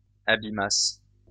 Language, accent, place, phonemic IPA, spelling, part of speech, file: French, France, Lyon, /a.bi.mas/, abîmassent, verb, LL-Q150 (fra)-abîmassent.wav
- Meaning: third-person plural imperfect subjunctive of abîmer